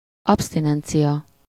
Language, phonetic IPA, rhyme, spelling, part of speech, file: Hungarian, [ˈɒpstinɛnt͡sijɒ], -jɒ, absztinencia, noun, Hu-absztinencia.ogg
- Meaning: abstinence (the act or practice of abstaining, refraining from indulging a desire or appetite)